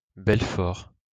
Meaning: Belfort (a city and commune, the prefecture of Territoire de Belfort department, Bourgogne-Franche-Comté, France)
- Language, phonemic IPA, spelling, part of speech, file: French, /bɛl.fɔʁ/, Belfort, proper noun, LL-Q150 (fra)-Belfort.wav